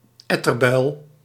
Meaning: 1. a localized accumulation of pus in the skin; a pus boil 2. a git, a cunt (objectionable person)
- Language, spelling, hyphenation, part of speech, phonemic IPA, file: Dutch, etterbuil, et‧ter‧buil, noun, /ˈɛ.tərˌbœy̯l/, Nl-etterbuil.ogg